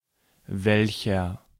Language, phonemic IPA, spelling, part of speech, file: German, /ˈvɛlçər/, welcher, determiner / pronoun, De-welcher.ogg
- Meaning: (determiner) 1. which; what 2. which; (pronoun) 1. which (one) 2. that; which; who; whom 3. some (an unspecified amount of)